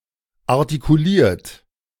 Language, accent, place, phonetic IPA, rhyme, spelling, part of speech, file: German, Germany, Berlin, [aʁtikuˈliːɐ̯t], -iːɐ̯t, artikuliert, verb, De-artikuliert.ogg
- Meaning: 1. past participle of artikulieren 2. inflection of artikulieren: third-person singular present 3. inflection of artikulieren: second-person plural present